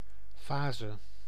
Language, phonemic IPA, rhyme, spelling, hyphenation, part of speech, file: Dutch, /ˈfaːzə/, -aːzə, fase, fa‧se, noun, Nl-fase.ogg
- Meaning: 1. phase, stage 2. phase (of a wave) 3. phase, state of matter